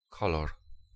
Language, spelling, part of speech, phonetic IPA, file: Polish, kolor, noun, [ˈkɔlɔr], Pl-kolor.ogg